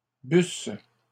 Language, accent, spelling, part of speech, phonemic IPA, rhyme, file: French, Canada, bussent, verb, /bys/, -ys, LL-Q150 (fra)-bussent.wav
- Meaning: third-person plural imperfect subjunctive of boire